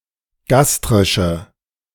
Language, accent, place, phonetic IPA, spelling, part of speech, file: German, Germany, Berlin, [ˈɡastʁɪʃə], gastrische, adjective, De-gastrische.ogg
- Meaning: inflection of gastrisch: 1. strong/mixed nominative/accusative feminine singular 2. strong nominative/accusative plural 3. weak nominative all-gender singular